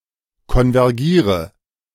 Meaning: inflection of konvergieren: 1. first-person singular present 2. first/third-person singular subjunctive I 3. singular imperative
- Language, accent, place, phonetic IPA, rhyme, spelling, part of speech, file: German, Germany, Berlin, [kɔnvɛʁˈɡiːʁə], -iːʁə, konvergiere, verb, De-konvergiere.ogg